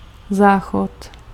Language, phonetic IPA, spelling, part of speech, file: Czech, [ˈzaːxot], záchod, noun, Cs-záchod.ogg
- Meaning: toilet, lavatory